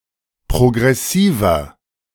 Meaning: 1. comparative degree of progressiv 2. inflection of progressiv: strong/mixed nominative masculine singular 3. inflection of progressiv: strong genitive/dative feminine singular
- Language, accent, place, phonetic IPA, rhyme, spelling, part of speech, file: German, Germany, Berlin, [pʁoɡʁɛˈsiːvɐ], -iːvɐ, progressiver, adjective, De-progressiver.ogg